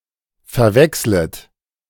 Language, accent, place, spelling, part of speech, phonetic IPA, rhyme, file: German, Germany, Berlin, verwechslet, verb, [fɛɐ̯ˈvɛkslət], -ɛkslət, De-verwechslet.ogg
- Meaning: second-person plural subjunctive I of verwechseln